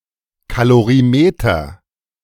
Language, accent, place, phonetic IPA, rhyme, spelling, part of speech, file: German, Germany, Berlin, [kaloʁiˈmeːtɐ], -eːtɐ, Kalorimeter, noun, De-Kalorimeter.ogg
- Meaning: calorimeter